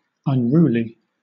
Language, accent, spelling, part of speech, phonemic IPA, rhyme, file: English, Southern England, unruly, adjective, /ʌnˈɹuːli/, -uːli, LL-Q1860 (eng)-unruly.wav
- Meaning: Wild; uncontrolled